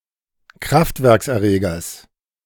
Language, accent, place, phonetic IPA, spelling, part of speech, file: German, Germany, Berlin, [ˈkʁaftvɛʁksʔɛɐ̯ˌʁeːɡɐs], Kraftwerkserregers, noun, De-Kraftwerkserregers.ogg
- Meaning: genitive singular of Kraftwerkserreger